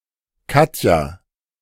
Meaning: a female given name, equivalent to English Katya
- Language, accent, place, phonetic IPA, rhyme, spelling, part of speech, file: German, Germany, Berlin, [ˈkatja], -atja, Katja, proper noun, De-Katja.ogg